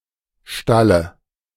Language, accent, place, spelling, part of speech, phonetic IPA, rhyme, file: German, Germany, Berlin, Stalle, noun, [ˈʃtalə], -alə, De-Stalle.ogg
- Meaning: dative of Stall